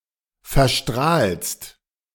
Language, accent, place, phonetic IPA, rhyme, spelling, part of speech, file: German, Germany, Berlin, [fɛɐ̯ˈʃtʁaːlst], -aːlst, verstrahlst, verb, De-verstrahlst.ogg
- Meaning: second-person singular present of verstrahlen